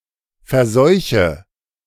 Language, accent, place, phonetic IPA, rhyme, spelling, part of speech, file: German, Germany, Berlin, [fɛɐ̯ˈzɔɪ̯çə], -ɔɪ̯çə, verseuche, verb, De-verseuche.ogg
- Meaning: inflection of verseuchen: 1. first-person singular present 2. first/third-person singular subjunctive I 3. singular imperative